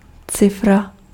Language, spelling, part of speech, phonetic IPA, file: Czech, cifra, noun, [ˈt͡sɪfra], Cs-cifra.ogg
- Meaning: digit